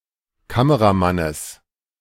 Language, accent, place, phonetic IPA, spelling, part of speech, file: German, Germany, Berlin, [ˈkaməʁaˌmanəs], Kameramannes, noun, De-Kameramannes.ogg
- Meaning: genitive singular of Kameramann